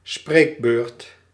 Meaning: oral presentation, lecture as a school project
- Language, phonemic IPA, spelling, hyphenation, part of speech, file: Dutch, /ˈspreːk.bøːrt/, spreekbeurt, spreek‧beurt, noun, Nl-spreekbeurt.ogg